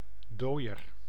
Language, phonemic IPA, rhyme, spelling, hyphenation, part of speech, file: Dutch, /ˈdoːi̯ər/, -oːi̯ər, dooier, dooi‧er, noun, Nl-dooier.ogg
- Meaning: yolk (yellow part of an egg)